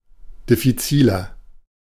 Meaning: 1. comparative degree of diffizil 2. inflection of diffizil: strong/mixed nominative masculine singular 3. inflection of diffizil: strong genitive/dative feminine singular
- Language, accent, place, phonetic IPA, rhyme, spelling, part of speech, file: German, Germany, Berlin, [dɪfiˈt͡siːlɐ], -iːlɐ, diffiziler, adjective, De-diffiziler.ogg